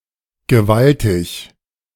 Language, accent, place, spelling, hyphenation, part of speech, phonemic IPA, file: German, Germany, Berlin, gewaltig, ge‧wal‧tig, adjective, /ɡəˈvaltɪç/, De-gewaltig.ogg
- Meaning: 1. enormous, huge 2. massive, mighty